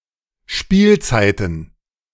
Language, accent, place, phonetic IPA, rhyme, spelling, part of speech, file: German, Germany, Berlin, [ˈʃpiːlt͡saɪ̯tn̩], -iːlt͡saɪ̯tn̩, Spielzeiten, noun, De-Spielzeiten.ogg
- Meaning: plural of Spielzeit